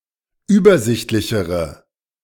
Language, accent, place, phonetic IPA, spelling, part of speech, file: German, Germany, Berlin, [ˈyːbɐˌzɪçtlɪçəʁə], übersichtlichere, adjective, De-übersichtlichere.ogg
- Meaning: inflection of übersichtlich: 1. strong/mixed nominative/accusative feminine singular comparative degree 2. strong nominative/accusative plural comparative degree